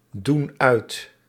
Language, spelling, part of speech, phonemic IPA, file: Dutch, doen uit, verb, /ˈdun ˈœyt/, Nl-doen uit.ogg
- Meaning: inflection of uitdoen: 1. plural present indicative 2. plural present subjunctive